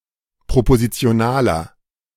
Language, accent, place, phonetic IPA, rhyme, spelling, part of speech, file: German, Germany, Berlin, [pʁopozit͡si̯oˈnaːlɐ], -aːlɐ, propositionaler, adjective, De-propositionaler.ogg
- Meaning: inflection of propositional: 1. strong/mixed nominative masculine singular 2. strong genitive/dative feminine singular 3. strong genitive plural